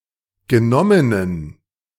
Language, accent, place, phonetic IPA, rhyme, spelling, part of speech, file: German, Germany, Berlin, [ɡəˈnɔmənən], -ɔmənən, genommenen, adjective, De-genommenen.ogg
- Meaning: inflection of genommen: 1. strong genitive masculine/neuter singular 2. weak/mixed genitive/dative all-gender singular 3. strong/weak/mixed accusative masculine singular 4. strong dative plural